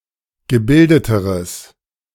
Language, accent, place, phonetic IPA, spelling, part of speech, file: German, Germany, Berlin, [ɡəˈbɪldətəʁəs], gebildeteres, adjective, De-gebildeteres.ogg
- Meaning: strong/mixed nominative/accusative neuter singular comparative degree of gebildet